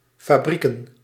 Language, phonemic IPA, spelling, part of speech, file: Dutch, /fɑˈbrikə(n)/, fabrieken, verb / noun, Nl-fabrieken.ogg
- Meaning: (verb) 1. to forge (create a forgery) 2. to build, to make; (noun) plural of fabriek